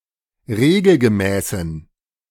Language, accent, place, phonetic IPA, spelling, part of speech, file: German, Germany, Berlin, [ˈʁeːɡl̩ɡəˌmɛːsn̩], regelgemäßen, adjective, De-regelgemäßen.ogg
- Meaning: inflection of regelgemäß: 1. strong genitive masculine/neuter singular 2. weak/mixed genitive/dative all-gender singular 3. strong/weak/mixed accusative masculine singular 4. strong dative plural